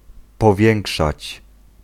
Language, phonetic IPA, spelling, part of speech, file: Polish, [pɔˈvʲjɛ̃ŋkʃat͡ɕ], powiększać, verb, Pl-powiększać.ogg